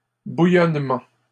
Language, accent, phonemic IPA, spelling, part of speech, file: French, Canada, /bu.jɔn.mɑ̃/, bouillonnement, noun, LL-Q150 (fra)-bouillonnement.wav
- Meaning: 1. bubbling, boiling 2. ferment